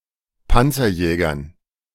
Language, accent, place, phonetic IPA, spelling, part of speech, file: German, Germany, Berlin, [ˈpant͡sɐˌjɛːɡɐn], Panzerjägern, noun, De-Panzerjägern.ogg
- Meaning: dative plural of Panzerjäger